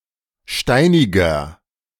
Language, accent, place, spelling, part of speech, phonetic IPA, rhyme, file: German, Germany, Berlin, steiniger, adjective, [ˈʃtaɪ̯nɪɡɐ], -aɪ̯nɪɡɐ, De-steiniger.ogg
- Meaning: 1. comparative degree of steinig 2. inflection of steinig: strong/mixed nominative masculine singular 3. inflection of steinig: strong genitive/dative feminine singular